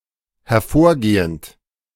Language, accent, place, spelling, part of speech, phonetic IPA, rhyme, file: German, Germany, Berlin, hervorgehend, verb, [hɛɐ̯ˈfoːɐ̯ˌɡeːənt], -oːɐ̯ɡeːənt, De-hervorgehend.ogg
- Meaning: present participle of hervorgehen